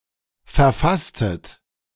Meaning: inflection of verfassen: 1. second-person plural preterite 2. second-person plural subjunctive II
- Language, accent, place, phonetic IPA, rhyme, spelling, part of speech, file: German, Germany, Berlin, [fɛɐ̯ˈfastət], -astət, verfasstet, verb, De-verfasstet.ogg